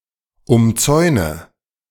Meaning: inflection of umzäunen: 1. first-person singular present 2. first/third-person singular subjunctive I 3. singular imperative
- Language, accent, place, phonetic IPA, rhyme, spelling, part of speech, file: German, Germany, Berlin, [ʊmˈt͡sɔɪ̯nə], -ɔɪ̯nə, umzäune, verb, De-umzäune.ogg